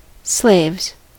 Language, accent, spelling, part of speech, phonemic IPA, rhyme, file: English, US, slaves, noun / verb, /sleɪvz/, -eɪvz, En-us-slaves.ogg
- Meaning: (noun) plural of slave; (verb) third-person singular simple present indicative of slave